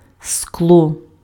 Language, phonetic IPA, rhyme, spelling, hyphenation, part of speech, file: Ukrainian, [skɫɔ], -ɔ, скло, скло, noun, Uk-скло.ogg
- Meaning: glass